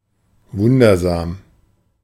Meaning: wondrous
- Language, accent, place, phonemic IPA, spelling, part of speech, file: German, Germany, Berlin, /ˈvʊndɐzaːm/, wundersam, adjective, De-wundersam.ogg